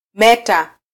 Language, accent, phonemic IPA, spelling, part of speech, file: Swahili, Kenya, /ˈmɛ.tɑ/, meta, noun, Sw-ke-meta.flac
- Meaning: alternative form of mita